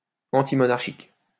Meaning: antimonarchic, antimonarchical
- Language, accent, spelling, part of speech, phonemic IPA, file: French, France, antimonarchique, adjective, /ɑ̃.ti.mɔ.naʁ.ʃik/, LL-Q150 (fra)-antimonarchique.wav